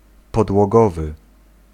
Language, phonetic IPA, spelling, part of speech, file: Polish, [ˌpɔdwɔˈɡɔvɨ], podłogowy, adjective, Pl-podłogowy.ogg